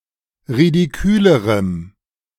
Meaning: strong dative masculine/neuter singular comparative degree of ridikül
- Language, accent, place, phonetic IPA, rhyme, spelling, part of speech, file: German, Germany, Berlin, [ʁidiˈkyːləʁəm], -yːləʁəm, ridikülerem, adjective, De-ridikülerem.ogg